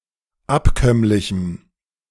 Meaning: strong dative masculine/neuter singular of abkömmlich
- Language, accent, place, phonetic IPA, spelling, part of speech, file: German, Germany, Berlin, [ˈapˌkœmlɪçm̩], abkömmlichem, adjective, De-abkömmlichem.ogg